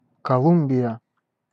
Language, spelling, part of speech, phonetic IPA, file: Russian, Колумбия, proper noun, [kɐˈɫum⁽ʲ⁾bʲɪjə], Ru-Колумбия.ogg
- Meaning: 1. Colombia (a country in South America) 2. Columbia (a river in the western United States and Canada)